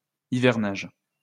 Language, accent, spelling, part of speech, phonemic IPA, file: French, France, hivernage, noun, /i.vɛʁ.naʒ/, LL-Q150 (fra)-hivernage.wav
- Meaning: wintering